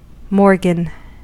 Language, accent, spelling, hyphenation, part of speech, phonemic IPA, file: English, US, morgan, mor‧gan, noun, /ˈmɔɹɡən/, En-us-morgan.ogg
- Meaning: A unit for expressing the relative distance between genes on a chromosome